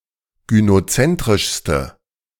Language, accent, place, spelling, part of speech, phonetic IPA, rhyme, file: German, Germany, Berlin, gynozentrischste, adjective, [ɡynoˈt͡sɛntʁɪʃstə], -ɛntʁɪʃstə, De-gynozentrischste.ogg
- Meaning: inflection of gynozentrisch: 1. strong/mixed nominative/accusative feminine singular superlative degree 2. strong nominative/accusative plural superlative degree